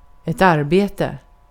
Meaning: 1. work, job (economic role for which a person is paid) 2. work; effort expended on a particular task 3. work; measure of energy expended in moving an object
- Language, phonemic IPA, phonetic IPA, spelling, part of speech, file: Swedish, /ˈarˌbeːtɛ/, [ˈarːˌbeːtɛ̠], arbete, noun, Sv-arbete.ogg